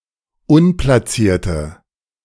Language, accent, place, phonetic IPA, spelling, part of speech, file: German, Germany, Berlin, [ˈʊnplasiːɐ̯tə], unplacierte, adjective, De-unplacierte.ogg
- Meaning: inflection of unplaciert: 1. strong/mixed nominative/accusative feminine singular 2. strong nominative/accusative plural 3. weak nominative all-gender singular